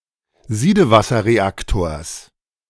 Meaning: genitive singular of Siedewasserreaktor
- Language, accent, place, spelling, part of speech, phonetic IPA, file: German, Germany, Berlin, Siedewasserreaktors, noun, [ˈziːdəvasɐʁeˌaktoːɐ̯s], De-Siedewasserreaktors.ogg